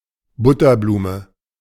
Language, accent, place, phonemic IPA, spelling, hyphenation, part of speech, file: German, Germany, Berlin, /ˈˈbʊtɐˌbluːmə/, Butterblume, But‧ter‧blu‧me, noun, De-Butterblume.ogg
- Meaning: buttercup